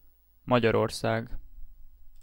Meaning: Hungary (a country in Central Europe; official name: Magyar Köztársaság)
- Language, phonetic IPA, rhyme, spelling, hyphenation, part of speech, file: Hungarian, [ˈmɒɟɒrorsaːɡ], -aːɡ, Magyarország, Ma‧gyar‧or‧szág, proper noun, Hu-Magyarország.ogg